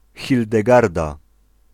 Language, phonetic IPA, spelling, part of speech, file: Polish, [ˌxʲildɛˈɡarda], Hildegarda, proper noun, Pl-Hildegarda.ogg